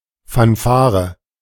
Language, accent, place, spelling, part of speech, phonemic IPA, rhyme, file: German, Germany, Berlin, Fanfare, noun, /ˌfanˈfaːʁə/, -aːʁə, De-Fanfare.ogg
- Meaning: fanfare